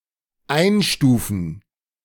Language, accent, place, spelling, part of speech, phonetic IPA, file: German, Germany, Berlin, einstufen, verb, [ˈaɪ̯nʃtuːfən], De-einstufen.ogg
- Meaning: to categorize, to class, to classify